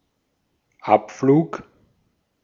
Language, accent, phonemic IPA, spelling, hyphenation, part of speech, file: German, Austria, /ˈʔapfluːk/, Abflug, Ab‧flug, noun / interjection, De-at-Abflug.ogg
- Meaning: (noun) 1. take-off 2. departure; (interjection) take off!, beat it!, go away!